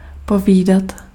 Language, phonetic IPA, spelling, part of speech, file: Czech, [ˈpoviːdat], povídat, verb, Cs-povídat.ogg
- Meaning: to chat (be engaged in informal conversation)